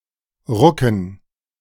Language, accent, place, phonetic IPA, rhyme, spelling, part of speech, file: German, Germany, Berlin, [ˈʁʊkn̩], -ʊkn̩, Rucken, noun, De-Rucken.ogg
- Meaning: dative plural of Ruck